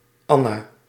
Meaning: 1. a female given name, equivalent to English Ann 2. Anna (Biblical prophetess)
- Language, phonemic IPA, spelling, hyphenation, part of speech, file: Dutch, /ˈɑ.naː/, Anna, An‧na, proper noun, Nl-Anna.ogg